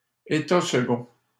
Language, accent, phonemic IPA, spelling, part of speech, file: French, Canada, /e.ta s(ə).ɡɔ̃/, état second, noun, LL-Q150 (fra)-état second.wav
- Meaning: trance, altered state